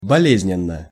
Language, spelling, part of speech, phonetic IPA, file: Russian, болезненно, adverb / adjective, [bɐˈlʲezʲnʲɪn(ː)ə], Ru-болезненно.ogg
- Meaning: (adverb) painfully (in a painful manner); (adjective) short neuter singular of боле́зненный (boléznennyj)